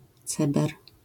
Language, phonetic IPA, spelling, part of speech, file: Polish, [ˈt͡sɛbɛr], ceber, noun, LL-Q809 (pol)-ceber.wav